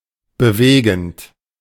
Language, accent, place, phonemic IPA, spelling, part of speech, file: German, Germany, Berlin, /bəˈveːɡn̩t/, bewegend, verb / adjective, De-bewegend.ogg
- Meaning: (verb) present participle of bewegen; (adjective) moving, affecting, stirring